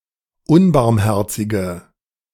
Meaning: inflection of unbarmherzig: 1. strong/mixed nominative/accusative feminine singular 2. strong nominative/accusative plural 3. weak nominative all-gender singular
- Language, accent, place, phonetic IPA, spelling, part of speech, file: German, Germany, Berlin, [ˈʊnbaʁmˌhɛʁt͡sɪɡə], unbarmherzige, adjective, De-unbarmherzige.ogg